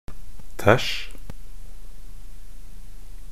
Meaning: imperative of tæsje
- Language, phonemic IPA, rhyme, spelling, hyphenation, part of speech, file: Norwegian Bokmål, /tæʃ/, -æʃ, tæsj, tæsj, verb, Nb-tæsj.ogg